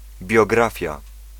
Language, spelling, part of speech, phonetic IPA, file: Polish, biografia, noun, [bʲjɔˈɡrafʲja], Pl-biografia.ogg